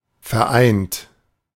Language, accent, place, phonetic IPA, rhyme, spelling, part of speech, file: German, Germany, Berlin, [fɛɐ̯ˈʔaɪ̯nt], -aɪ̯nt, vereint, adjective / verb, De-vereint.ogg
- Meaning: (verb) past participle of vereinen; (adjective) unified, united, combined; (verb) inflection of vereinen: 1. third-person singular present 2. second-person plural present